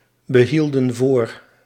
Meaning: inflection of voorbehouden: 1. plural past indicative 2. plural past subjunctive
- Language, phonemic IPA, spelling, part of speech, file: Dutch, /bəˈhildə(n) ˈvor/, behielden voor, verb, Nl-behielden voor.ogg